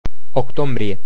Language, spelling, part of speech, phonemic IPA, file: Romanian, octombrie, noun, /okˈtombrije/, Ro-octombrie.ogg
- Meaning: October